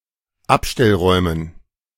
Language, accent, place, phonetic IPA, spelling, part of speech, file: German, Germany, Berlin, [ˈapʃtɛlˌʁɔɪ̯mən], Abstellräumen, noun, De-Abstellräumen.ogg
- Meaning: dative plural of Abstellraum